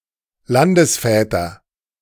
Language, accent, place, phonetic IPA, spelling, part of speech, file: German, Germany, Berlin, [ˈlandəsˌfɛːtɐ], Landesväter, noun, De-Landesväter.ogg
- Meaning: nominative/accusative/genitive plural of Landesvater